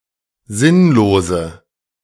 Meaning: inflection of sinnlos: 1. strong/mixed nominative/accusative feminine singular 2. strong nominative/accusative plural 3. weak nominative all-gender singular 4. weak accusative feminine/neuter singular
- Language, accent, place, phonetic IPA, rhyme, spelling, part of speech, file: German, Germany, Berlin, [ˈzɪnloːzə], -ɪnloːzə, sinnlose, adjective, De-sinnlose.ogg